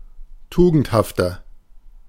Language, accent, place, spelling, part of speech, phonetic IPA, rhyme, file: German, Germany, Berlin, tugendhafter, adjective, [ˈtuːɡn̩thaftɐ], -uːɡn̩thaftɐ, De-tugendhafter.ogg
- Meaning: 1. comparative degree of tugendhaft 2. inflection of tugendhaft: strong/mixed nominative masculine singular 3. inflection of tugendhaft: strong genitive/dative feminine singular